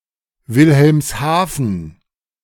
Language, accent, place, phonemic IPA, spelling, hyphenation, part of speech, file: German, Germany, Berlin, /ˌvɪlhɛlmsˈhaːfən/, Wilhelmshaven, Wil‧helms‧ha‧ven, proper noun, De-Wilhelmshaven.ogg
- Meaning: Wilhelmshaven (an independent town and port in Lower Saxony, Germany)